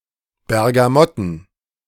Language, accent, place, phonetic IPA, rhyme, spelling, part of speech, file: German, Germany, Berlin, [bɛʁɡaˈmɔtn̩], -ɔtn̩, Bergamotten, noun, De-Bergamotten.ogg
- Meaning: plural of Bergamotte